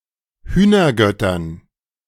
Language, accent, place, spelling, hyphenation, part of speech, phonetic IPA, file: German, Germany, Berlin, Hühnergöttern, Hüh‧ner‧göt‧tern, noun, [ˈhyːnɐˌɡœtɐn], De-Hühnergöttern.ogg
- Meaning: dative plural of Hühnergott